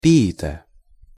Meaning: poet
- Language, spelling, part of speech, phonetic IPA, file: Russian, пиита, noun, [pʲɪˈitə], Ru-пиита.ogg